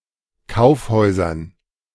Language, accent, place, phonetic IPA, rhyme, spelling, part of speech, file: German, Germany, Berlin, [ˈkaʊ̯fˌhɔɪ̯zɐn], -aʊ̯fhɔɪ̯zɐn, Kaufhäusern, noun, De-Kaufhäusern.ogg
- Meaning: dative plural of Kaufhaus